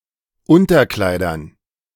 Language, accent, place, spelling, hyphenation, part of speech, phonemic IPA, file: German, Germany, Berlin, Unterkleidern, Un‧ter‧klei‧dern, noun, /ˈʊntɐˌklaɪ̯dɐn/, De-Unterkleidern.ogg
- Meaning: dative plural of Unterkleid